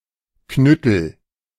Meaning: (noun) club; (proper noun) a surname
- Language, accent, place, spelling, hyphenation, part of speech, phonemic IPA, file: German, Germany, Berlin, Knüttel, Knüttel, noun / proper noun, /ˈknʏtl̩/, De-Knüttel.ogg